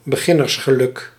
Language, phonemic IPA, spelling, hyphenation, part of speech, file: Dutch, /bəˈɣɪ.nərs.xəˌlʏk/, beginnersgeluk, be‧gin‧ners‧ge‧luk, noun, Nl-beginnersgeluk.ogg
- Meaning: beginner's luck